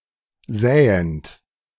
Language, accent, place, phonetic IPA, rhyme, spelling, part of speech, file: German, Germany, Berlin, [ˈzɛːənt], -ɛːənt, säend, verb, De-säend.ogg
- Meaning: present participle of säen